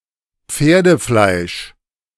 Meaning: horsemeat
- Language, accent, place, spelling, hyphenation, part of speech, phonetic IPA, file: German, Germany, Berlin, Pferdefleisch, Pfer‧de‧fleisch, noun, [ˈp͡feːɐ̯dəˌflaɪ̯ʃ], De-Pferdefleisch.ogg